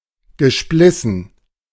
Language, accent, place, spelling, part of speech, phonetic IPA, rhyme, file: German, Germany, Berlin, gesplissen, verb, [ɡəˈʃplɪsn̩], -ɪsn̩, De-gesplissen.ogg
- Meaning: past participle of spleißen